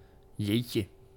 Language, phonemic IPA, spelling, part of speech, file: Dutch, /ˈjecə/, jeetje, interjection, Nl-jeetje.ogg
- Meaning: alternative form of jee